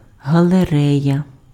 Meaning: gallery
- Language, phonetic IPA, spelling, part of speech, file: Ukrainian, [ɦɐɫeˈrɛjɐ], галерея, noun, Uk-галерея.ogg